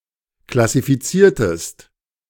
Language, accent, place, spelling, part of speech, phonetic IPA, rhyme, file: German, Germany, Berlin, klassifiziertest, verb, [klasifiˈt͡siːɐ̯təst], -iːɐ̯təst, De-klassifiziertest.ogg
- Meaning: inflection of klassifizieren: 1. second-person singular preterite 2. second-person singular subjunctive II